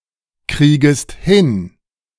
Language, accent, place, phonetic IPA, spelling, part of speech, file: German, Germany, Berlin, [ˌkʁiːɡəst ˈhɪn], kriegest hin, verb, De-kriegest hin.ogg
- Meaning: second-person singular subjunctive I of hinkriegen